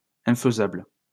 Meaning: infeasible, impractical
- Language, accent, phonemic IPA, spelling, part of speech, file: French, France, /ɛ̃.fə.zabl/, infaisable, adjective, LL-Q150 (fra)-infaisable.wav